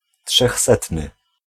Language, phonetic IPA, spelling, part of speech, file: Polish, [ṭʃɛxˈsɛtnɨ], trzechsetny, adjective, Pl-trzechsetny.ogg